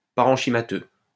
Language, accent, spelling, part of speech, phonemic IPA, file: French, France, parenchymateux, adjective, /pa.ʁɑ̃.ʃi.ma.tø/, LL-Q150 (fra)-parenchymateux.wav
- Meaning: 1. parenchymatous 2. parenchymal